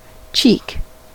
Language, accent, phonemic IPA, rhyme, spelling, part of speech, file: English, US, /t͡ʃiːk/, -iːk, cheek, noun / verb, En-us-cheek.ogg
- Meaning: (noun) The soft skin on each side of the face, below the eyes; the outer surface of the sides of the oral cavity